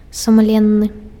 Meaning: honest
- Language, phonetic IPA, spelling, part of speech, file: Belarusian, [sumˈlʲenːɨ], сумленны, adjective, Be-сумленны.ogg